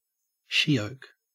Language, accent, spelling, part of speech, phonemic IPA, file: English, Australia, she-oak, noun, /ˈʃioʊk/, En-au-she-oak.ogg
- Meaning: 1. Any of various trees and shrubs of the family Casuarinaceae growing in Australasia and parts of Asia 2. Beer